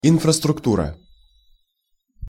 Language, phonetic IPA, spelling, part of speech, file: Russian, [ɪnfrəstrʊkˈturə], инфраструктура, noun, Ru-инфраструктура.ogg
- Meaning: infrastructure (an underlying base or foundation especially for an organization or system)